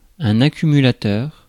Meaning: accumulator, battery
- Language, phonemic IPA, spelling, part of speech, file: French, /a.ky.my.la.tœʁ/, accumulateur, noun, Fr-accumulateur.ogg